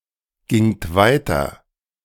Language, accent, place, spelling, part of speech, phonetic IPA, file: German, Germany, Berlin, gingt weiter, verb, [ˌɡɪŋt ˈvaɪ̯tɐ], De-gingt weiter.ogg
- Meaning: second-person plural preterite of weitergehen